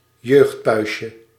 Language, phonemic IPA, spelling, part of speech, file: Dutch, /jøxtpʌʏsʲə/, jeugdpuistje, noun, Nl-jeugdpuistje.ogg
- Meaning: diminutive of jeugdpuist